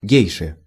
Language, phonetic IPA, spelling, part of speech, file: Russian, [ˈɡʲejʂɨ], гейши, noun, Ru-гейши.ogg
- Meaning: inflection of ге́йша (géjša): 1. genitive singular 2. nominative plural